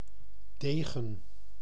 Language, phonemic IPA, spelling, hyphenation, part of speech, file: Dutch, /ˈdeː.ɣə(n)/, degen, de‧gen, noun, Nl-degen.ogg
- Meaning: 1. epee 2. duelling sword, court sword (slender sword used in duels and battles; distinct from a rapier) 3. hero, warrior, soldier